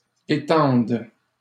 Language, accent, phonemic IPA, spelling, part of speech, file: French, Canada, /e.tɑ̃d/, étende, verb, LL-Q150 (fra)-étende.wav
- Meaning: first/third-person singular present subjunctive of étendre